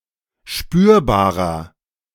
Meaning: 1. comparative degree of spürbar 2. inflection of spürbar: strong/mixed nominative masculine singular 3. inflection of spürbar: strong genitive/dative feminine singular
- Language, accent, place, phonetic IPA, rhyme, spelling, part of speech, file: German, Germany, Berlin, [ˈʃpyːɐ̯baːʁɐ], -yːɐ̯baːʁɐ, spürbarer, adjective, De-spürbarer.ogg